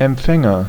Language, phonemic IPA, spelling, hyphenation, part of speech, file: German, /ɛmˈpfɛŋɐ/, Empfänger, Emp‧fän‧ger, noun, De-Empfänger.ogg
- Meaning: agent noun of empfangen: 1. receiver 2. recipient (of blood or organ donation) 3. addressee 4. receptor